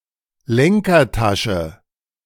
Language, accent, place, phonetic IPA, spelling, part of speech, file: German, Germany, Berlin, [ˈlɛŋkɐˌtaʃə], Lenkertasche, noun, De-Lenkertasche.ogg
- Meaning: handlebar bag